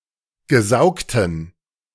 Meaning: inflection of gesaugt: 1. strong genitive masculine/neuter singular 2. weak/mixed genitive/dative all-gender singular 3. strong/weak/mixed accusative masculine singular 4. strong dative plural
- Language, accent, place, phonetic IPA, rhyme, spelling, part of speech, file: German, Germany, Berlin, [ɡəˈzaʊ̯ktn̩], -aʊ̯ktn̩, gesaugten, adjective, De-gesaugten.ogg